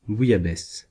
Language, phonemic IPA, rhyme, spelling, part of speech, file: French, /bu.ja.bɛs/, -ɛs, bouillabaisse, noun, Fr-bouillabaisse.ogg
- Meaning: bouillabaisse (fish soup from Provence)